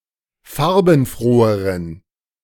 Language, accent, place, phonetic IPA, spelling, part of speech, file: German, Germany, Berlin, [ˈfaʁbn̩ˌfʁoːəʁən], farbenfroheren, adjective, De-farbenfroheren.ogg
- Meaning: inflection of farbenfroh: 1. strong genitive masculine/neuter singular comparative degree 2. weak/mixed genitive/dative all-gender singular comparative degree